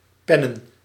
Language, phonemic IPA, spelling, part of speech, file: Dutch, /ˈpɛnə(n)/, pennen, verb / noun, Nl-pennen.ogg
- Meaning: plural of pen